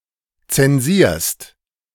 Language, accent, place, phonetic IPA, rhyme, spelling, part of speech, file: German, Germany, Berlin, [ˌt͡sɛnˈziːɐ̯st], -iːɐ̯st, zensierst, verb, De-zensierst.ogg
- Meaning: second-person singular present of zensieren